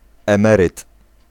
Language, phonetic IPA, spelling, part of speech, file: Polish, [ɛ̃ˈmɛrɨt], emeryt, noun, Pl-emeryt.ogg